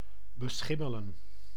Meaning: to become mouldy
- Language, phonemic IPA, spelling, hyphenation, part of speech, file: Dutch, /bəˈsxɪmələ(n)/, beschimmelen, be‧schim‧me‧len, verb, Nl-beschimmelen.ogg